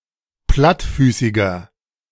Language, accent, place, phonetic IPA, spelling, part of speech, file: German, Germany, Berlin, [ˈplatˌfyːsɪɡɐ], plattfüßiger, adjective, De-plattfüßiger.ogg
- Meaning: inflection of plattfüßig: 1. strong/mixed nominative masculine singular 2. strong genitive/dative feminine singular 3. strong genitive plural